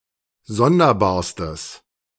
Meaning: strong/mixed nominative/accusative neuter singular superlative degree of sonderbar
- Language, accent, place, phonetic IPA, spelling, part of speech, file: German, Germany, Berlin, [ˈzɔndɐˌbaːɐ̯stəs], sonderbarstes, adjective, De-sonderbarstes.ogg